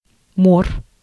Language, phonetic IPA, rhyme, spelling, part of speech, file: Russian, [mor], -or, мор, noun, Ru-мор.ogg
- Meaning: pestilence, plague, murrain